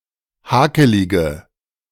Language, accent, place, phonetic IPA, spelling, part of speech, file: German, Germany, Berlin, [ˈhaːkəlɪɡə], hakelige, adjective, De-hakelige.ogg
- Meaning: inflection of hakelig: 1. strong/mixed nominative/accusative feminine singular 2. strong nominative/accusative plural 3. weak nominative all-gender singular 4. weak accusative feminine/neuter singular